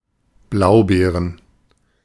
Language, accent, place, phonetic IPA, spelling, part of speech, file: German, Germany, Berlin, [ˈblaʊ̯ˌbeːʁən], Blaubeeren, noun, De-Blaubeeren.ogg
- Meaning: plural of Blaubeere "blueberries"